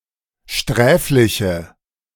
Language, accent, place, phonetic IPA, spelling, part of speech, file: German, Germany, Berlin, [ˈʃtʁɛːflɪçə], sträfliche, adjective, De-sträfliche.ogg
- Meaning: inflection of sträflich: 1. strong/mixed nominative/accusative feminine singular 2. strong nominative/accusative plural 3. weak nominative all-gender singular